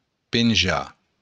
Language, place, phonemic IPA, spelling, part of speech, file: Occitan, Béarn, /penˈd͡ʒa/, penjar, verb, LL-Q14185 (oci)-penjar.wav
- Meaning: to hang